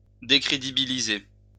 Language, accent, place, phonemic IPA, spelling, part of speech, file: French, France, Lyon, /de.kʁe.di.bi.li.ze/, décrédibiliser, verb, LL-Q150 (fra)-décrédibiliser.wav
- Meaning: to discredit